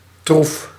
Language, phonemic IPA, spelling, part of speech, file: Dutch, /truf/, troef, noun, Nl-troef.ogg
- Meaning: 1. trump 2. asset, advantage